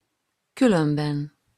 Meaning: 1. otherwise 2. after all, anyway
- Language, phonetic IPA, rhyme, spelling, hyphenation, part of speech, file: Hungarian, [ˈkylømbɛn], -ɛn, különben, kü‧lön‧ben, adverb, Hu-különben.opus